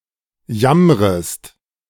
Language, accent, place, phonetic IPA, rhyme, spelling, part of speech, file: German, Germany, Berlin, [ˈjamʁəst], -amʁəst, jammrest, verb, De-jammrest.ogg
- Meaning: second-person singular subjunctive I of jammern